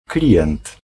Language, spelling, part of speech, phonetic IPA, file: Polish, klient, noun, [ˈklʲiʲɛ̃nt], Pl-klient.ogg